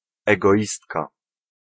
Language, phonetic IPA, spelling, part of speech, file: Polish, [ˌɛɡɔˈʲistka], egoistka, noun, Pl-egoistka.ogg